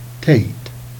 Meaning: head
- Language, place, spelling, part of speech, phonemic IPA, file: Jèrriais, Jersey, tête, noun, /teit/, Jer-tête.ogg